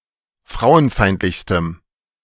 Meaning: strong dative masculine/neuter singular superlative degree of frauenfeindlich
- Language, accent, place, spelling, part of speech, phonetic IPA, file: German, Germany, Berlin, frauenfeindlichstem, adjective, [ˈfʁaʊ̯ənˌfaɪ̯ntlɪçstəm], De-frauenfeindlichstem.ogg